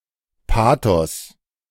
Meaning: pathos
- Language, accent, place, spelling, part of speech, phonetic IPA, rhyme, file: German, Germany, Berlin, Pathos, noun, [ˈpaːtɔs], -aːtɔs, De-Pathos.ogg